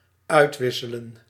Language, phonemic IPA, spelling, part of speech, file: Dutch, /ˈœytwɪsələ(n)/, uitwisselen, verb, Nl-uitwisselen.ogg
- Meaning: to exchange